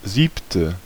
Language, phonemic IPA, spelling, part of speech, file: German, /ˈziːptə/, siebte, adjective, De-siebte.ogg
- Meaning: seventh